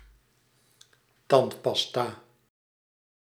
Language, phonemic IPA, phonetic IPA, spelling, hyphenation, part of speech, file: Dutch, /ˈtɑnt.pɑsˌtaː/, [ˈtɑm.pɑˌsta], tandpasta, tand‧pas‧ta, noun, Nl-tandpasta.ogg
- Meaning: toothpaste, a paste for cleaning the teeth